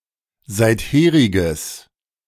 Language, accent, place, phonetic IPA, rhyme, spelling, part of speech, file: German, Germany, Berlin, [ˌzaɪ̯tˈheːʁɪɡəs], -eːʁɪɡəs, seitheriges, adjective, De-seitheriges.ogg
- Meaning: strong/mixed nominative/accusative neuter singular of seitherig